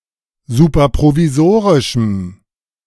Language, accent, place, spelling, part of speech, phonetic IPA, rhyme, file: German, Germany, Berlin, superprovisorischem, adjective, [ˌsuːpɐpʁoviˈzoːʁɪʃm̩], -oːʁɪʃm̩, De-superprovisorischem.ogg
- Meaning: strong dative masculine/neuter singular of superprovisorisch